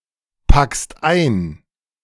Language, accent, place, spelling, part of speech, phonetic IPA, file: German, Germany, Berlin, packst ein, verb, [ˌpakst ˈaɪ̯n], De-packst ein.ogg
- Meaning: second-person singular present of einpacken